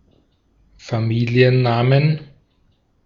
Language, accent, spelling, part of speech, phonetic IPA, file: German, Austria, Familiennamen, noun, [faˈmiːli̯ənˌnaːmən], De-at-Familiennamen.ogg
- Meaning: plural of Familienname